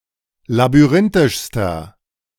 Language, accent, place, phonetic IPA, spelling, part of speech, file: German, Germany, Berlin, [labyˈʁɪntɪʃstɐ], labyrinthischster, adjective, De-labyrinthischster.ogg
- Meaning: inflection of labyrinthisch: 1. strong/mixed nominative masculine singular superlative degree 2. strong genitive/dative feminine singular superlative degree